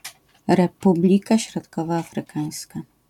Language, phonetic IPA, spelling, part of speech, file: Polish, [rɛˈpublʲika ˌɕrɔtkɔvɔafrɨˈkãj̃ska], Republika Środkowoafrykańska, proper noun, LL-Q809 (pol)-Republika Środkowoafrykańska.wav